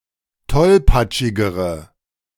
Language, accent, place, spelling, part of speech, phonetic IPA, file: German, Germany, Berlin, tollpatschigere, adjective, [ˈtɔlpat͡ʃɪɡəʁə], De-tollpatschigere.ogg
- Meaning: inflection of tollpatschig: 1. strong/mixed nominative/accusative feminine singular comparative degree 2. strong nominative/accusative plural comparative degree